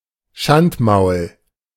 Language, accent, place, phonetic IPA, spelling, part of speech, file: German, Germany, Berlin, [ˈʃantˌmaʊ̯l], Schandmaul, noun, De-Schandmaul.ogg
- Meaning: 1. a malicious mouth / tongue, one that utters scandalous talk 2. a malicious, badmouthing character, a snot